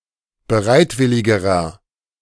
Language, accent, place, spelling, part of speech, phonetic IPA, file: German, Germany, Berlin, bereitwilligerer, adjective, [bəˈʁaɪ̯tˌvɪlɪɡəʁɐ], De-bereitwilligerer.ogg
- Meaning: inflection of bereitwillig: 1. strong/mixed nominative masculine singular comparative degree 2. strong genitive/dative feminine singular comparative degree 3. strong genitive plural comparative degree